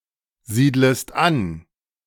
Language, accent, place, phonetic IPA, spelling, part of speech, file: German, Germany, Berlin, [ˌziːdləst ˈan], siedlest an, verb, De-siedlest an.ogg
- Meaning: second-person singular subjunctive I of ansiedeln